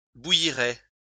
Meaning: third-person singular conditional of bouillir
- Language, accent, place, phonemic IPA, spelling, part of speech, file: French, France, Lyon, /bu.ji.ʁɛ/, bouillirait, verb, LL-Q150 (fra)-bouillirait.wav